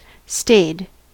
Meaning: simple past and past participle of stay
- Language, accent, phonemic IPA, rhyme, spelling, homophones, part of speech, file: English, US, /steɪd/, -eɪd, stayed, stade, verb, En-us-stayed.ogg